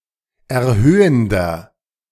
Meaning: inflection of erhöhend: 1. strong/mixed nominative masculine singular 2. strong genitive/dative feminine singular 3. strong genitive plural
- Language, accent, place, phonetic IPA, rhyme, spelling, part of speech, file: German, Germany, Berlin, [ɛɐ̯ˈhøːəndɐ], -øːəndɐ, erhöhender, adjective, De-erhöhender.ogg